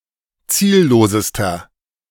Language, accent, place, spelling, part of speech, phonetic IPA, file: German, Germany, Berlin, ziellosester, adjective, [ˈt͡siːlloːsəstɐ], De-ziellosester.ogg
- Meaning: inflection of ziellos: 1. strong/mixed nominative masculine singular superlative degree 2. strong genitive/dative feminine singular superlative degree 3. strong genitive plural superlative degree